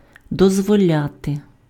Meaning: to allow, to permit, to let
- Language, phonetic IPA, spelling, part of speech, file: Ukrainian, [dɔzwɔˈlʲate], дозволяти, verb, Uk-дозволяти.ogg